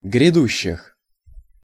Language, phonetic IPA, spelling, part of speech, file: Russian, [ɡrʲɪˈduɕːɪx], грядущих, noun, Ru-грядущих.ogg
- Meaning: genitive/prepositional plural of гряду́щее (grjadúščeje)